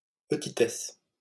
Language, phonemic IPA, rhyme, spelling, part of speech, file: French, /pə.ti.tɛs/, -ɛs, petitesse, noun, LL-Q150 (fra)-petitesse.wav
- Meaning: 1. smallness, littleness 2. pettiness 3. petiteness